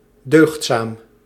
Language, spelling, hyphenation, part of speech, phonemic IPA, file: Dutch, deugdzaam, deugd‧zaam, adjective, /ˈdøːxt.saːm/, Nl-deugdzaam.ogg
- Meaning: decent, virtuous